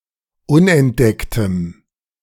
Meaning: strong dative masculine/neuter singular of unentdeckt
- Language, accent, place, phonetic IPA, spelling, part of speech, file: German, Germany, Berlin, [ˈʊnʔɛntˌdɛktəm], unentdecktem, adjective, De-unentdecktem.ogg